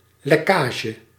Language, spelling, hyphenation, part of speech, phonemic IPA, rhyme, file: Dutch, lekkage, lek‧ka‧ge, noun, /ˌlɛˈkaː.ʒə/, -aːʒə, Nl-lekkage.ogg
- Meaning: leakage